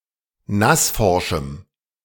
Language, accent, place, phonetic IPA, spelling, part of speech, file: German, Germany, Berlin, [ˈnasˌfɔʁʃm̩], nassforschem, adjective, De-nassforschem.ogg
- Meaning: strong dative masculine/neuter singular of nassforsch